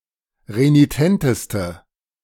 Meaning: inflection of renitent: 1. strong/mixed nominative/accusative feminine singular superlative degree 2. strong nominative/accusative plural superlative degree
- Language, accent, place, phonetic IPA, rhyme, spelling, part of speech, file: German, Germany, Berlin, [ʁeniˈtɛntəstə], -ɛntəstə, renitenteste, adjective, De-renitenteste.ogg